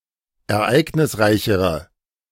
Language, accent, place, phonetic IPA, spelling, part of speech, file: German, Germany, Berlin, [ɛɐ̯ˈʔaɪ̯ɡnɪsˌʁaɪ̯çəʁə], ereignisreichere, adjective, De-ereignisreichere.ogg
- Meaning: inflection of ereignisreich: 1. strong/mixed nominative/accusative feminine singular comparative degree 2. strong nominative/accusative plural comparative degree